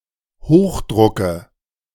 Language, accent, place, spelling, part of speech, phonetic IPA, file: German, Germany, Berlin, Hochdrucke, noun, [ˈhoːxˌdʁʊkə], De-Hochdrucke.ogg
- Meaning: nominative/accusative/genitive plural of Hochdruck